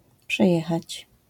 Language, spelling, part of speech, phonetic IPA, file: Polish, przejechać, verb, [pʃɛˈjɛxat͡ɕ], LL-Q809 (pol)-przejechać.wav